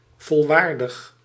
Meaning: full-fledged
- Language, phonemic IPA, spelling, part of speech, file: Dutch, /vɔlˈwardəx/, volwaardig, adjective, Nl-volwaardig.ogg